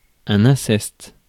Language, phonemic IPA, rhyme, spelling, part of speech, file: French, /ɛ̃.sɛst/, -ɛst, inceste, noun, Fr-inceste.ogg
- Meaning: incest (sexual relations between people legally unable to marry, especially close relatives)